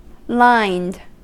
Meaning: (adjective) 1. Having a lining, an inner layer or covering 2. Having lines, ruled 3. Having visible lines or wrinkles; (verb) simple past and past participle of line
- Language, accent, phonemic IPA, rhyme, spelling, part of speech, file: English, US, /laɪnd/, -aɪnd, lined, adjective / verb, En-us-lined.ogg